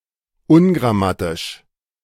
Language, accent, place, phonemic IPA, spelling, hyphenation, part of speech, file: German, Germany, Berlin, /ˈʊnɡʁaˌmatɪʃ/, ungrammatisch, un‧gram‧ma‧tisch, adjective, De-ungrammatisch.ogg
- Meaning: ungrammatical